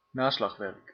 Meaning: reference work
- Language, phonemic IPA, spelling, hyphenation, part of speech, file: Dutch, /ˈnaː.slɑxˌʋɛrk/, naslagwerk, na‧slag‧werk, noun, Nl-naslagwerk.ogg